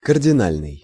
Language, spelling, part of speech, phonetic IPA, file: Russian, кардинальный, adjective, [kərdʲɪˈnalʲnɨj], Ru-кардинальный.ogg
- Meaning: 1. cardinal 2. fundamental 3. drastic